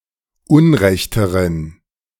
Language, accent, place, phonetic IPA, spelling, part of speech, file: German, Germany, Berlin, [ˈʊnˌʁɛçtəʁən], unrechteren, adjective, De-unrechteren.ogg
- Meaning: inflection of unrecht: 1. strong genitive masculine/neuter singular comparative degree 2. weak/mixed genitive/dative all-gender singular comparative degree